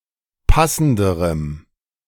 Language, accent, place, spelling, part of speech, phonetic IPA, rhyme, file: German, Germany, Berlin, passenderem, adjective, [ˈpasn̩dəʁəm], -asn̩dəʁəm, De-passenderem.ogg
- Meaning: strong dative masculine/neuter singular comparative degree of passend